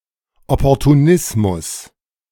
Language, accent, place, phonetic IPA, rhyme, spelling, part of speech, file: German, Germany, Berlin, [ɔpɔʁtuˈnɪsmʊs], -ɪsmʊs, Opportunismus, noun, De-Opportunismus.ogg
- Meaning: opportunism